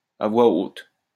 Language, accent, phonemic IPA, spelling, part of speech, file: French, France, /a vwa ot/, à voix haute, adverb, LL-Q150 (fra)-à voix haute.wav
- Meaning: aloud (loudly)